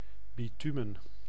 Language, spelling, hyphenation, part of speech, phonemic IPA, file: Dutch, bitumen, bi‧tu‧men, noun, /ˌbiˈty.mə(n)/, Nl-bitumen.ogg
- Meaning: bitumen, mineral pitch